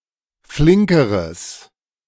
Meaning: strong/mixed nominative/accusative neuter singular comparative degree of flink
- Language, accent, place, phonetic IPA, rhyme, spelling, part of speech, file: German, Germany, Berlin, [ˈflɪŋkəʁəs], -ɪŋkəʁəs, flinkeres, adjective, De-flinkeres.ogg